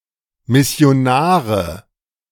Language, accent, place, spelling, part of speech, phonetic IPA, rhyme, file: German, Germany, Berlin, Missionare, noun, [mɪsi̯oˈnaːʁə], -aːʁə, De-Missionare.ogg
- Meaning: nominative/accusative/genitive plural of Missionar